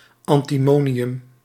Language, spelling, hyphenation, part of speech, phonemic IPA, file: Dutch, antimonium, an‧ti‧mo‧ni‧um, noun, /ˌɑn.tiˈmoː.ni.ʏm/, Nl-antimonium.ogg
- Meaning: antimony